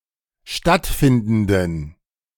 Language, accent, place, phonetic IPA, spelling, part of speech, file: German, Germany, Berlin, [ˈʃtatˌfɪndn̩dən], stattfindenden, adjective, De-stattfindenden.ogg
- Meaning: inflection of stattfindend: 1. strong genitive masculine/neuter singular 2. weak/mixed genitive/dative all-gender singular 3. strong/weak/mixed accusative masculine singular 4. strong dative plural